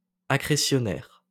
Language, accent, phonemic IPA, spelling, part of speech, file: French, France, /a.kʁe.sjɔ.nɛʁ/, accrétionnaire, adjective, LL-Q150 (fra)-accrétionnaire.wav
- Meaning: accretionary